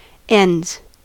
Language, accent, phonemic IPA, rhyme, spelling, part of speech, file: English, US, /ɛndz/, -ɛndz, ends, noun / verb, En-us-ends.ogg
- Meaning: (noun) 1. plural of end 2. The area in close proximity to one's home; neighbourhood 3. Money; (verb) third-person singular simple present indicative of end